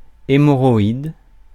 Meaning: hemorrhoid (perianal varicosity)
- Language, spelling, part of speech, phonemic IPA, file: French, hémorroïde, noun, /e.mɔ.ʁɔ.id/, Fr-hémorroïde.ogg